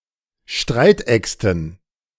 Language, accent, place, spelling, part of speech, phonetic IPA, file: German, Germany, Berlin, Streitäxten, noun, [ˈʃtʁaɪ̯tˌʔɛkstn̩], De-Streitäxten.ogg
- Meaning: dative plural of Streitaxt